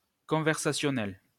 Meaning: conversational
- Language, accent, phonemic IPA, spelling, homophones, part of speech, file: French, France, /kɔ̃.vɛʁ.sa.sjɔ.nɛl/, conversationnel, conversationnelle / conversationnelles / conversationnels, adjective, LL-Q150 (fra)-conversationnel.wav